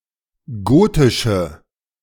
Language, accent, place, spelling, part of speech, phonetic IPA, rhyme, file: German, Germany, Berlin, gotische, adjective, [ˈɡoːtɪʃə], -oːtɪʃə, De-gotische.ogg
- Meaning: inflection of gotisch: 1. strong/mixed nominative/accusative feminine singular 2. strong nominative/accusative plural 3. weak nominative all-gender singular 4. weak accusative feminine/neuter singular